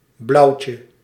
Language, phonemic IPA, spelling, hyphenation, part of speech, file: Dutch, /ˈblɑu̯tjə/, blauwtje, blauw‧tje, noun, Nl-blauwtje.ogg
- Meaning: 1. diminutive of blauw 2. a rejection, in particular a romantic rejection 3. a blue, a butterfly of the lycaenid subfamily Polyommatinae